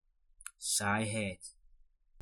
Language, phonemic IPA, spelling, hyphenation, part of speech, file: Dutch, /ˈsaːi.ɦɛi̯t/, saaiheid, saai‧heid, noun, Nl-saaiheid.ogg
- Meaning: dullness, tediousness